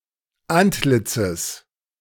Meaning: genitive singular of Antlitz
- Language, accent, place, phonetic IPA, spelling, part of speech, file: German, Germany, Berlin, [ˈantˌlɪt͡səs], Antlitzes, noun, De-Antlitzes.ogg